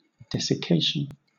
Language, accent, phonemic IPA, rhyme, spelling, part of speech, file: English, Southern England, /ˌdɛsɪˈkeɪʃən/, -eɪʃən, desiccation, noun, LL-Q1860 (eng)-desiccation.wav
- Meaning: 1. The state or process of being desiccated 2. An act or occurrence of desiccating